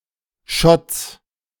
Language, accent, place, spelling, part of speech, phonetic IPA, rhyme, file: German, Germany, Berlin, Schotts, noun, [ʃɔt͡s], -ɔt͡s, De-Schotts.ogg
- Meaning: genitive of Schott